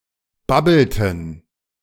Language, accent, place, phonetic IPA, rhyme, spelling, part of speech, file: German, Germany, Berlin, [ˈbabl̩tn̩], -abl̩tn̩, babbelten, verb, De-babbelten.ogg
- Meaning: inflection of babbeln: 1. first/third-person plural preterite 2. first/third-person plural subjunctive II